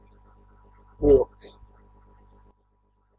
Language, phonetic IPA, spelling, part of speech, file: Latvian, [vìlks], vilks, noun / verb, Lv-vilks.ogg
- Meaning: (noun) wolf (esp. Canis lupus); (verb) third-person singular/plural future indicative of vilkt